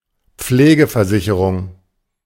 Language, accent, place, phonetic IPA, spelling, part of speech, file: German, Germany, Berlin, [ˈp͡fleːɡəfɛɐ̯ˌzɪçəʁʊŋ], Pflegeversicherung, noun, De-Pflegeversicherung.ogg
- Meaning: long-term (nursing) care insurance